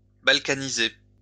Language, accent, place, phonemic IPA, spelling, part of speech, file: French, France, Lyon, /bal.ka.ni.ze/, balkaniser, verb, LL-Q150 (fra)-balkaniser.wav
- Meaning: to Balkanize